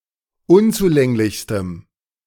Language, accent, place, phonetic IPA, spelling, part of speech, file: German, Germany, Berlin, [ˈʊnt͡suˌlɛŋlɪçstəm], unzulänglichstem, adjective, De-unzulänglichstem.ogg
- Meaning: strong dative masculine/neuter singular superlative degree of unzulänglich